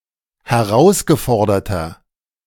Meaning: inflection of herausgefordert: 1. strong/mixed nominative masculine singular 2. strong genitive/dative feminine singular 3. strong genitive plural
- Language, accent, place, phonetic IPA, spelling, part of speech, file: German, Germany, Berlin, [hɛˈʁaʊ̯sɡəˌfɔʁdɐtɐ], herausgeforderter, adjective, De-herausgeforderter.ogg